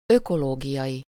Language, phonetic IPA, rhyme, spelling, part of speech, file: Hungarian, [ˈøkoloːɡijɒji], -ji, ökológiai, adjective, Hu-ökológiai.ogg
- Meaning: ecological